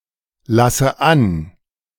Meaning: inflection of anlassen: 1. first-person singular present 2. first/third-person singular subjunctive I 3. singular imperative
- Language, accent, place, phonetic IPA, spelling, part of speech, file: German, Germany, Berlin, [ˌlasə ˈan], lasse an, verb, De-lasse an.ogg